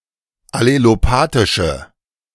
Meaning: inflection of allelopathisch: 1. strong/mixed nominative/accusative feminine singular 2. strong nominative/accusative plural 3. weak nominative all-gender singular
- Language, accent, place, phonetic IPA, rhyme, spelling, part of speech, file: German, Germany, Berlin, [aleloˈpaːtɪʃə], -aːtɪʃə, allelopathische, adjective, De-allelopathische.ogg